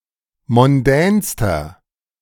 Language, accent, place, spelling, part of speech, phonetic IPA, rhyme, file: German, Germany, Berlin, mondänster, adjective, [mɔnˈdɛːnstɐ], -ɛːnstɐ, De-mondänster.ogg
- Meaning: inflection of mondän: 1. strong/mixed nominative masculine singular superlative degree 2. strong genitive/dative feminine singular superlative degree 3. strong genitive plural superlative degree